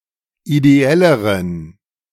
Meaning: inflection of ideell: 1. strong genitive masculine/neuter singular comparative degree 2. weak/mixed genitive/dative all-gender singular comparative degree
- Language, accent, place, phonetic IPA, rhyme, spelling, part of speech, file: German, Germany, Berlin, [ideˈɛləʁən], -ɛləʁən, ideelleren, adjective, De-ideelleren.ogg